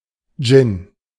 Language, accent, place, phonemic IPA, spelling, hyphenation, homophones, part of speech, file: German, Germany, Berlin, /dʒɪn/, Dschinn, Dschinn, Gin, noun, De-Dschinn.ogg
- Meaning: jinn